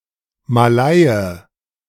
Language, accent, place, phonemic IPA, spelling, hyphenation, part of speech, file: German, Germany, Berlin, /maˈlaɪ̯ə/, Malaie, Ma‧laie, noun, De-Malaie.ogg
- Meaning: Malay (man)